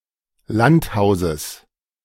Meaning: genitive singular of Landhaus
- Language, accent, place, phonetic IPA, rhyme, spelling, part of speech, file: German, Germany, Berlin, [ˈlantˌhaʊ̯zəs], -anthaʊ̯zəs, Landhauses, noun, De-Landhauses.ogg